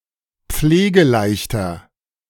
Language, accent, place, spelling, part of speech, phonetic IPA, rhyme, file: German, Germany, Berlin, pflegeleichter, adjective, [ˈp͡fleːɡəˌlaɪ̯çtɐ], -aɪ̯çtɐ, De-pflegeleichter.ogg
- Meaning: 1. comparative degree of pflegeleicht 2. inflection of pflegeleicht: strong/mixed nominative masculine singular 3. inflection of pflegeleicht: strong genitive/dative feminine singular